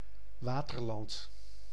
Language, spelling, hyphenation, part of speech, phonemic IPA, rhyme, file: Dutch, Waterland, Wa‧ter‧land, proper noun, /ˈʋaː.tərˌlɑnt/, -ɑnt, Nl-Waterland.ogg